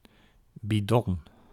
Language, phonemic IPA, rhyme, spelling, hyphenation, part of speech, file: Dutch, /biˈdɔn/, -ɔn, bidon, bi‧don, noun, Nl-bidon.ogg
- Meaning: a bidon; a sports drinking bottle, especially one used on a bicycle